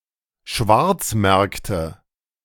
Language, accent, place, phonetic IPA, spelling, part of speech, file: German, Germany, Berlin, [ˈʃvaʁt͡sˌmɛʁktə], Schwarzmärkte, noun, De-Schwarzmärkte.ogg
- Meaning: nominative/accusative/genitive plural of Schwarzmarkt